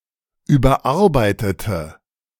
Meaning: inflection of überarbeiten: 1. first/third-person singular preterite 2. first/third-person singular subjunctive II
- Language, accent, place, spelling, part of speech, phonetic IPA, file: German, Germany, Berlin, überarbeitete, verb, [ˌyːbɐˈʔaʁbaɪ̯tətə], De-überarbeitete.ogg